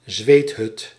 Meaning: a sweat lodge (structure with hot air)
- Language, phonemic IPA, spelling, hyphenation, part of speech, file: Dutch, /ˈzʋeːt.ɦʏt/, zweethut, zweet‧hut, noun, Nl-zweethut.ogg